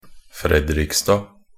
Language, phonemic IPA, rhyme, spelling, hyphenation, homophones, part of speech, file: Norwegian Bokmål, /ˈfrɛdrɪkstɑː/, -ɑː, Fredrikstad, Fred‧rik‧stad, Fredriksstad, proper noun, Nb-fredrikstad.ogg
- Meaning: Fredrikstad (the administrative center, municipality, and city in Viken, Eastern Norway, Norway)